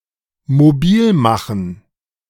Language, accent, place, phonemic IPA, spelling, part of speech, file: German, Germany, Berlin, /moˈbiːlˌmaχn̩/, mobilmachen, verb, De-mobilmachen.ogg
- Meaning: to mobilize